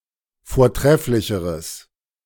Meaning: strong/mixed nominative/accusative neuter singular comparative degree of vortrefflich
- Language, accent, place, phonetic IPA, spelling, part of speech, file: German, Germany, Berlin, [foːɐ̯ˈtʁɛflɪçəʁəs], vortrefflicheres, adjective, De-vortrefflicheres.ogg